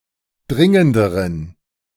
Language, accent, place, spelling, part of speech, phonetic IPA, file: German, Germany, Berlin, dringenderen, adjective, [ˈdʁɪŋəndəʁən], De-dringenderen.ogg
- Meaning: inflection of dringend: 1. strong genitive masculine/neuter singular comparative degree 2. weak/mixed genitive/dative all-gender singular comparative degree